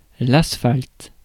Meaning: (noun) asphalt; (verb) inflection of asphalter: 1. first/third-person singular present indicative/subjunctive 2. second-person singular imperative
- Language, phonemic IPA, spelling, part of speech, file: French, /as.falt/, asphalte, noun / verb, Fr-asphalte.ogg